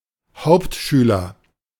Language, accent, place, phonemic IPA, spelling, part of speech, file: German, Germany, Berlin, /ˈhaʊ̯ptˌʃyːlɐ/, Hauptschüler, noun, De-Hauptschüler.ogg
- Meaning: Hauptschule student